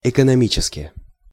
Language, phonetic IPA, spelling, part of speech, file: Russian, [ɪkənɐˈmʲit͡ɕɪskʲɪ], экономически, adverb, Ru-экономически.ogg
- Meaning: economically